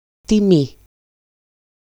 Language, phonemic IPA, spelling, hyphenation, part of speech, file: Greek, /tiˈmi/, τιμή, τι‧μή, noun, EL-τιμή.ogg
- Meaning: 1. price, value (of something, asset, fare, etc) 2. quotation 3. honour, virtue, reputation 4. faithfulness, virginity, fidelity 5. pride, credit 6. value of a variable 7. coefficient